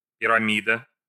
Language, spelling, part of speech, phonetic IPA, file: Russian, пирамида, noun, [pʲɪrɐˈmʲidə], Ru-пирамида.ogg
- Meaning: pyramid